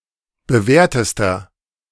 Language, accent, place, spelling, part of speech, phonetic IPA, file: German, Germany, Berlin, bewährtester, adjective, [bəˈvɛːɐ̯təstɐ], De-bewährtester.ogg
- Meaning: inflection of bewährt: 1. strong/mixed nominative masculine singular superlative degree 2. strong genitive/dative feminine singular superlative degree 3. strong genitive plural superlative degree